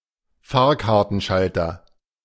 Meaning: ticket office, ticket counter
- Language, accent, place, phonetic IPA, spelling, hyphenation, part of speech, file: German, Germany, Berlin, [ˈfaːɐ̯kaʁtn̩ˌʃaltɐ], Fahrkartenschalter, Fahr‧kar‧ten‧schal‧ter, noun, De-Fahrkartenschalter.ogg